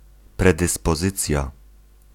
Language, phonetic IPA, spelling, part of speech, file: Polish, [ˌprɛdɨspɔˈzɨt͡sʲja], predyspozycja, noun, Pl-predyspozycja.ogg